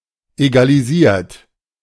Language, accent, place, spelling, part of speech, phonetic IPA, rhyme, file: German, Germany, Berlin, egalisiert, verb, [ˌeɡaliˈziːɐ̯t], -iːɐ̯t, De-egalisiert.ogg
- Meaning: 1. past participle of egalisieren 2. inflection of egalisieren: third-person singular present 3. inflection of egalisieren: second-person plural present 4. inflection of egalisieren: plural imperative